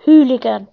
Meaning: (noun) 1. A young person who causes trouble or violence, typically as a member of a gang or other group 2. Ellipsis of football hooligan 3. A member of the United States Coast Guard
- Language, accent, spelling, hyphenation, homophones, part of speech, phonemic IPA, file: English, UK, hooligan, hoo‧li‧gan, Wholigan, noun / verb, /ˈhuː.lɪ.ɡən/, En-uk-hooligan.ogg